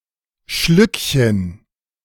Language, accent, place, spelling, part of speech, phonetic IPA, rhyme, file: German, Germany, Berlin, Schlückchen, noun, [ˈʃlʏkçən], -ʏkçən, De-Schlückchen.ogg
- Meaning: diminutive of Schluck